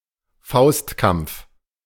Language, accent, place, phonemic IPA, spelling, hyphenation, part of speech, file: German, Germany, Berlin, /ˈfaʊ̯stˌkamp͡f/, Faustkampf, Faust‧kampf, noun, De-Faustkampf.ogg
- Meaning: fistfight